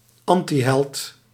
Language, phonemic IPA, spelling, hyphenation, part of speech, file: Dutch, /ˈɑn.tiˌɦɛlt/, antiheld, an‧ti‧held, noun, Nl-antiheld.ogg
- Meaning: antihero (male or of unspecified gender)